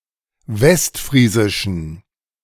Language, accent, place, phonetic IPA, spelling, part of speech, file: German, Germany, Berlin, [ˈvɛstˌfʁiːzɪʃn̩], westfriesischen, adjective, De-westfriesischen.ogg
- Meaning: inflection of westfriesisch: 1. strong genitive masculine/neuter singular 2. weak/mixed genitive/dative all-gender singular 3. strong/weak/mixed accusative masculine singular 4. strong dative plural